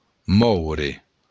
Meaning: to move
- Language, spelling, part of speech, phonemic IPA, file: Occitan, mòure, verb, /ˈmɔwɾe/, LL-Q942602-mòure.wav